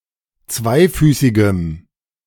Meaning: strong dative masculine/neuter singular of zweifüßig
- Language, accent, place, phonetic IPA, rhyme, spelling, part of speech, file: German, Germany, Berlin, [ˈt͡svaɪ̯ˌfyːsɪɡəm], -aɪ̯fyːsɪɡəm, zweifüßigem, adjective, De-zweifüßigem.ogg